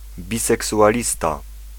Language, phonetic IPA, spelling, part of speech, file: Polish, [ˌbʲisɛksuʷaˈlʲista], biseksualista, noun, Pl-biseksualista.ogg